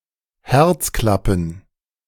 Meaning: plural of Herzklappe
- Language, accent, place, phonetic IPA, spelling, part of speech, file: German, Germany, Berlin, [ˈhɛʁt͡sˌklapn̩], Herzklappen, noun, De-Herzklappen.ogg